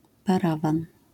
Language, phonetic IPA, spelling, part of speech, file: Polish, [paˈravãn], parawan, noun, LL-Q809 (pol)-parawan.wav